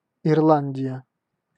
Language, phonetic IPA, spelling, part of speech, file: Russian, [ɪrˈɫanʲdʲɪjə], Ирландия, proper noun, Ru-Ирландия.ogg
- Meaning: Ireland (a country in northwestern Europe)